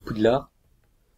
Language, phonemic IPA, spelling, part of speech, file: French, /pud.laʁ/, Poudlard, proper noun, Fr-Poudlard.ogg
- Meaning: Hogwarts, the fictional school of magic in the Harry Potter series